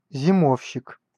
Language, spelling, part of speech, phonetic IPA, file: Russian, зимовщик, noun, [zʲɪˈmofɕːɪk], Ru-зимовщик.ogg
- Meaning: winterer